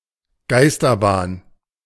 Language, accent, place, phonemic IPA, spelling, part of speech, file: German, Germany, Berlin, /ˈɡaɪ̯stɐˌbaːn/, Geisterbahn, noun, De-Geisterbahn.ogg
- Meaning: ghost train